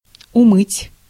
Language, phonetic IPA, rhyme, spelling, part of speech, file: Russian, [ʊˈmɨtʲ], -ɨtʲ, умыть, verb, Ru-умыть.ogg
- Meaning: to wash